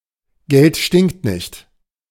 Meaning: money does not smell
- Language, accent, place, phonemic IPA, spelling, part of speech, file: German, Germany, Berlin, /ɡɛlt ʃtɪŋkt nɪçt/, Geld stinkt nicht, proverb, De-Geld stinkt nicht.ogg